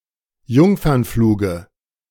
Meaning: dative singular of Jungfernflug
- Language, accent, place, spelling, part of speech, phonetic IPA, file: German, Germany, Berlin, Jungfernfluge, noun, [ˈjʊŋfɐnˌfluːɡə], De-Jungfernfluge.ogg